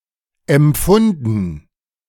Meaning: past participle of empfinden
- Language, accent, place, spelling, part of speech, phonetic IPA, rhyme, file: German, Germany, Berlin, empfunden, verb, [ɛmˈp͡fʊndn̩], -ʊndn̩, De-empfunden.ogg